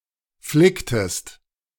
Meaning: inflection of flicken: 1. second-person singular preterite 2. second-person singular subjunctive II
- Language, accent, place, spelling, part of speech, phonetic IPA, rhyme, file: German, Germany, Berlin, flicktest, verb, [ˈflɪktəst], -ɪktəst, De-flicktest.ogg